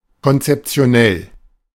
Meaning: conceptual
- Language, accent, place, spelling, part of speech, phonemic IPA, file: German, Germany, Berlin, konzeptionell, adjective, /kɔnt͡sɛpt͡si̯oˈnɛl/, De-konzeptionell.ogg